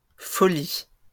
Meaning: plural of folie
- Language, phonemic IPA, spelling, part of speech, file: French, /fɔ.li/, folies, noun, LL-Q150 (fra)-folies.wav